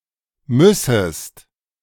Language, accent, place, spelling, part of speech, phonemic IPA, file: German, Germany, Berlin, müssest, verb, /ˈmʏsəst/, De-müssest.ogg
- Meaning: second-person singular subjunctive I of müssen